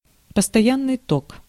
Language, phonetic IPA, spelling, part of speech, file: Russian, [pəstɐˈjanːɨj ˈtok], постоянный ток, noun, Ru-постоянный ток.ogg
- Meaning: constant current (direct current without any variation in magnitude)